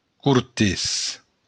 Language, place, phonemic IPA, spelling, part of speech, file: Occitan, Béarn, /kuɾˈtes/, cortés, adjective, LL-Q14185 (oci)-cortés.wav
- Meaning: polite, courteous